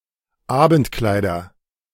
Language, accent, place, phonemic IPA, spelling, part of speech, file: German, Germany, Berlin, /ˈaːbəntˌklaɪ̯dɐ/, Abendkleider, noun, De-Abendkleider.ogg
- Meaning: nominative/accusative/genitive plural of Abendkleid